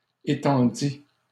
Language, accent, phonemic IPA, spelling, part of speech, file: French, Canada, /e.tɑ̃.di/, étendît, verb, LL-Q150 (fra)-étendît.wav
- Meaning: third-person singular imperfect subjunctive of étendre